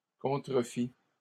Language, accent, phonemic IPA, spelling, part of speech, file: French, Canada, /kɔ̃.tʁə.fi/, contrefit, verb, LL-Q150 (fra)-contrefit.wav
- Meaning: third-person singular past historic of contrefaire